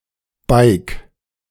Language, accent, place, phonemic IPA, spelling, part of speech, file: German, Germany, Berlin, /baɪ̯k/, beig, verb, De-beig.ogg
- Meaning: singular imperative of beigen